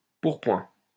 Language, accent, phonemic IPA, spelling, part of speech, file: French, France, /puʁ.pwɛ̃/, pourpoint, noun, LL-Q150 (fra)-pourpoint.wav
- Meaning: doublet